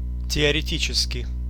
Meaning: theoretical
- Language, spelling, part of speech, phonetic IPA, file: Russian, теоретический, adjective, [tʲɪərʲɪˈtʲit͡ɕɪskʲɪj], Ru-теоретический.ogg